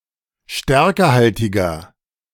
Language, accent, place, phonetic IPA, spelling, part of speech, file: German, Germany, Berlin, [ˈʃtɛʁkəhaltɪɡɐ], stärkehaltiger, adjective, De-stärkehaltiger.ogg
- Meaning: inflection of stärkehaltig: 1. strong/mixed nominative masculine singular 2. strong genitive/dative feminine singular 3. strong genitive plural